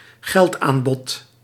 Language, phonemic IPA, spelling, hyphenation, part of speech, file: Dutch, /ˈɣɛltˌaːn.bɔt/, geldaanbod, geld‧aan‧bod, noun, Nl-geldaanbod.ogg
- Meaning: money supply